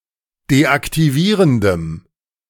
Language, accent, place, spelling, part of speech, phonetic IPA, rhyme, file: German, Germany, Berlin, deaktivierendem, adjective, [deʔaktiˈviːʁəndəm], -iːʁəndəm, De-deaktivierendem.ogg
- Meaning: strong dative masculine/neuter singular of deaktivierend